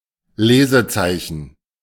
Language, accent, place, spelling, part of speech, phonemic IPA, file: German, Germany, Berlin, Lesezeichen, noun, /ˈleːzəˌt͡saɪ̯çn̩/, De-Lesezeichen.ogg
- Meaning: bookmark